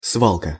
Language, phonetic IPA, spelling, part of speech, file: Russian, [ˈsvaɫkə], свалка, noun, Ru-свалка.ogg
- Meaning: 1. dump, junkyard 2. dumping 3. scuffle, brawl